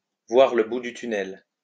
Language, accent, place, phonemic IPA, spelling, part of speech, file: French, France, Lyon, /vwaʁ lə bu dy ty.nɛl/, voir le bout du tunnel, verb, LL-Q150 (fra)-voir le bout du tunnel.wav
- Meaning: to see the light at the end of the tunnel